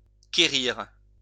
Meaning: 1. to seek; used especially after certain verbs 2. to want
- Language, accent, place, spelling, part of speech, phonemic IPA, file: French, France, Lyon, quérir, verb, /ke.ʁiʁ/, LL-Q150 (fra)-quérir.wav